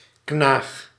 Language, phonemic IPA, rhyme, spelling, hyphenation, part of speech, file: Dutch, /knaːx/, -aːx, knaag, knaag, verb, Nl-knaag.ogg
- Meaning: inflection of knagen: 1. first-person singular present indicative 2. second-person singular present indicative 3. imperative